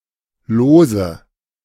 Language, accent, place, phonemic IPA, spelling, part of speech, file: German, Germany, Berlin, /ˈloː.zə/, Lose, noun, De-Lose.ogg
- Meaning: nominative/accusative/genitive plural of Los